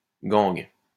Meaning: gangue
- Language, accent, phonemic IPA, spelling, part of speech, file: French, France, /ɡɑ̃ɡ/, gangue, noun, LL-Q150 (fra)-gangue.wav